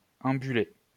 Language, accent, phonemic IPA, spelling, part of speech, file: French, France, /ɑ̃.by.le/, ambuler, verb, LL-Q150 (fra)-ambuler.wav
- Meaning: to walk, stroll